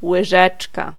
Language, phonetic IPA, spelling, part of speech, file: Polish, [wɨˈʒɛt͡ʃka], łyżeczka, noun, Pl-łyżeczka.ogg